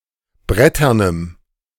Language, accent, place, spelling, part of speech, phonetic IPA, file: German, Germany, Berlin, bretternem, adjective, [ˈbʁɛtɐnəm], De-bretternem.ogg
- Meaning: strong dative masculine/neuter singular of brettern